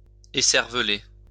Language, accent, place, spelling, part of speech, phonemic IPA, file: French, France, Lyon, écervelée, adjective, /e.sɛʁ.və.le/, LL-Q150 (fra)-écervelée.wav
- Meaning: feminine singular of écervelé